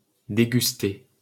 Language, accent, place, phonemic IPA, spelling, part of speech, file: French, France, Paris, /de.ɡys.te/, déguster, verb, LL-Q150 (fra)-déguster.wav
- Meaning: 1. to try, to taste (food or drink) 2. to savor, to relish something 3. to withstand 4. to suffer